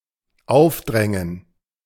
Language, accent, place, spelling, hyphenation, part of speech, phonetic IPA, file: German, Germany, Berlin, aufdrängen, auf‧drän‧gen, verb, [ˈaʊ̯fˌdʁɛŋən], De-aufdrängen.ogg
- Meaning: to force on, to impose on